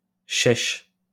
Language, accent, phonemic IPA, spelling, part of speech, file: French, France, /ʃɛʃ/, chèche, noun, LL-Q150 (fra)-chèche.wav
- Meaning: Long scarf worn by Arab men, usually around the head